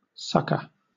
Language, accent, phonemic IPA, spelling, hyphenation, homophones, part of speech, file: English, Southern England, /ˈsʌkə/, succour, suc‧cour, sucker, noun / verb, LL-Q1860 (eng)-succour.wav
- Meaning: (noun) Aid, assistance, or relief given to one in distress; ministration